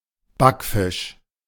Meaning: 1. baked or fried fish, or a fish intended for baking or frying 2. backfisch, teenage or late-adolescent girl
- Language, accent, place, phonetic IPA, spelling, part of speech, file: German, Germany, Berlin, [ˈbakˌfɪʃ], Backfisch, noun, De-Backfisch.ogg